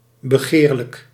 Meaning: desirable
- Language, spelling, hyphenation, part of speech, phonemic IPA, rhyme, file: Dutch, begeerlijk, be‧geer‧lijk, adjective, /bəˈɣeːr.lək/, -eːrlək, Nl-begeerlijk.ogg